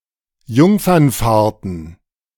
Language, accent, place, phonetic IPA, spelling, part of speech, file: German, Germany, Berlin, [ˈjʊŋfɐnˌfaːɐ̯tn̩], Jungfernfahrten, noun, De-Jungfernfahrten.ogg
- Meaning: plural of Jungfernfahrt